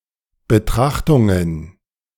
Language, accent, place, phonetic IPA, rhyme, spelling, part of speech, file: German, Germany, Berlin, [bəˈtʁaxtʊŋən], -axtʊŋən, Betrachtungen, noun, De-Betrachtungen.ogg
- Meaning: plural of Betrachtung